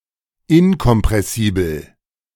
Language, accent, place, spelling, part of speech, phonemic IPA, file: German, Germany, Berlin, inkompressibel, adjective, /ˈɪnkɔmpʁɛsiːbl̩/, De-inkompressibel.ogg
- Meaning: incompressible